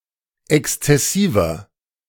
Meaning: 1. comparative degree of exzessiv 2. inflection of exzessiv: strong/mixed nominative masculine singular 3. inflection of exzessiv: strong genitive/dative feminine singular
- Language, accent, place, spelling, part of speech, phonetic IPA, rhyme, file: German, Germany, Berlin, exzessiver, adjective, [ˌɛkst͡sɛˈsiːvɐ], -iːvɐ, De-exzessiver.ogg